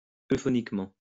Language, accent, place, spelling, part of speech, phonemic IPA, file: French, France, Lyon, euphoniquement, adverb, /ø.fɔ.nik.mɑ̃/, LL-Q150 (fra)-euphoniquement.wav
- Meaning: euphonically